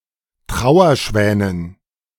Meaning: dative plural of Trauerschwan
- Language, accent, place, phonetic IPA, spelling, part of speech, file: German, Germany, Berlin, [ˈtʁaʊ̯ɐˌʃvɛːnən], Trauerschwänen, noun, De-Trauerschwänen.ogg